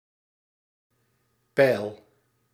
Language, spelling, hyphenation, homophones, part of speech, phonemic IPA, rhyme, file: Dutch, pijl, pijl, peil, noun, /pɛi̯l/, -ɛi̯l, Nl-pijl.ogg
- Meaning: 1. arrow, projectile 2. arrow, indicator